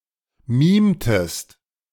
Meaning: inflection of mimen: 1. second-person singular preterite 2. second-person singular subjunctive II
- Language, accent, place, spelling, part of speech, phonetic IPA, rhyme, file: German, Germany, Berlin, mimtest, verb, [ˈmiːmtəst], -iːmtəst, De-mimtest.ogg